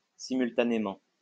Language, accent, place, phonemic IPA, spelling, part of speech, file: French, France, Lyon, /si.myl.ta.ne.mɑ̃/, simultanément, adverb, LL-Q150 (fra)-simultanément.wav
- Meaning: simultaneously (occurring at the same time)